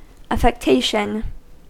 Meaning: 1. An attempt to assume or exhibit what is not natural or real; false display; artificial show 2. An unusual mannerism 3. An ostentatious fondness for something
- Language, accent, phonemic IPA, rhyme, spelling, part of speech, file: English, US, /ˌæf.ɛkˈteɪ.ʃən/, -eɪʃən, affectation, noun, En-us-affectation.ogg